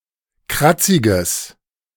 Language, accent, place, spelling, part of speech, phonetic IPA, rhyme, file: German, Germany, Berlin, kratziges, adjective, [ˈkʁat͡sɪɡəs], -at͡sɪɡəs, De-kratziges.ogg
- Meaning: strong/mixed nominative/accusative neuter singular of kratzig